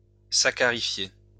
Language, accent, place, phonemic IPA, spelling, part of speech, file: French, France, Lyon, /sa.ka.ʁi.fje/, saccarifier, verb, LL-Q150 (fra)-saccarifier.wav
- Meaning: to saccharify